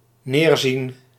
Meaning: to look down (on)
- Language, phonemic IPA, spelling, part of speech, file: Dutch, /ˈnerzin/, neerzien, verb, Nl-neerzien.ogg